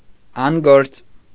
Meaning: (adjective) 1. unemployed, jobless, idle 2. defective, out of order, out of service; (noun) a person who is unemployed, out of work; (adverb) in an unemployed, jobless, idle way
- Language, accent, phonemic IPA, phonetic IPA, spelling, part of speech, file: Armenian, Eastern Armenian, /ɑnˈɡoɾt͡s/, [ɑŋɡóɾt͡s], անգործ, adjective / noun / adverb, Hy-անգործ.ogg